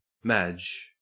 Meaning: 1. A female given name 2. A female given name: A diminutive of the female given name Margaret 3. A female given name: A diminutive of the female given name Madonna, of rare usage 4. A surname
- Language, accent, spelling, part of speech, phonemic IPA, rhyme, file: English, Australia, Madge, proper noun, /mæd͡ʒ/, -ædʒ, En-au-Madge.ogg